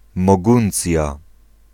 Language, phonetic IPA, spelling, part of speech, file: Polish, [mɔˈɡũnt͡sʲja], Moguncja, proper noun, Pl-Moguncja.ogg